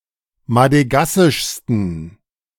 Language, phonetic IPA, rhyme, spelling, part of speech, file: German, [madəˈɡasɪʃstn̩], -asɪʃstn̩, madegassischsten, adjective, De-madegassischsten.ogg